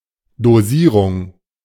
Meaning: 1. dosage 2. metering
- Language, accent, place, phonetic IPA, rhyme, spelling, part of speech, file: German, Germany, Berlin, [doˈziːʁʊŋ], -iːʁʊŋ, Dosierung, noun, De-Dosierung.ogg